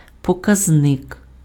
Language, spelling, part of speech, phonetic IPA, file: Ukrainian, показник, noun, [pɔˈkaznek], Uk-показник.ogg
- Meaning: 1. index 2. indicator 3. index, exponent